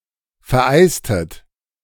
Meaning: inflection of vereisen: 1. second-person plural preterite 2. second-person plural subjunctive II
- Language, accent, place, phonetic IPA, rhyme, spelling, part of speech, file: German, Germany, Berlin, [fɛɐ̯ˈʔaɪ̯stət], -aɪ̯stət, vereistet, verb, De-vereistet.ogg